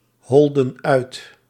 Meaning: inflection of uithollen: 1. plural past indicative 2. plural past subjunctive
- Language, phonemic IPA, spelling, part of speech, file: Dutch, /ˈhɔldə(n) ˈœyt/, holden uit, verb, Nl-holden uit.ogg